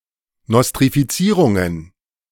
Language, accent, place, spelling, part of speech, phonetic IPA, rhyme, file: German, Germany, Berlin, Nostrifizierungen, noun, [nɔstʁifiˈt͡siːʁʊŋən], -iːʁʊŋən, De-Nostrifizierungen.ogg
- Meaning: plural of Nostrifizierung